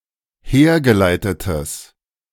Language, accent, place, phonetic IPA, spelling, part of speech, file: German, Germany, Berlin, [ˈheːɐ̯ɡəˌlaɪ̯tətəs], hergeleitetes, adjective, De-hergeleitetes.ogg
- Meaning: strong/mixed nominative/accusative neuter singular of hergeleitet